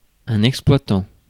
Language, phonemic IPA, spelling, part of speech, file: French, /ɛk.splwa.tɑ̃/, exploitant, verb / adjective / noun, Fr-exploitant.ogg
- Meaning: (verb) present participle of exploiter; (adjective) 1. exploiting 2. exploitative; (noun) owner, manager; operator; (of farm) farmer